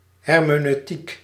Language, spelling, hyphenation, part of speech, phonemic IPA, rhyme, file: Dutch, hermeneutiek, her‧me‧neu‧tiek, noun, /ˌɦɛr.meː.nœy̯ˈtik/, -ik, Nl-hermeneutiek.ogg
- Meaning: hermeneutics, exegesis